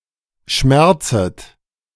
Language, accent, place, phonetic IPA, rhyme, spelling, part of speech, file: German, Germany, Berlin, [ˈʃmɛʁt͡sət], -ɛʁt͡sət, schmerzet, verb, De-schmerzet.ogg
- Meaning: second-person plural subjunctive I of schmerzen